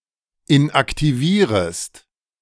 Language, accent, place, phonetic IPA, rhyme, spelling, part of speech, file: German, Germany, Berlin, [ɪnʔaktiˈviːʁəst], -iːʁəst, inaktivierest, verb, De-inaktivierest.ogg
- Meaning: second-person singular subjunctive I of inaktivieren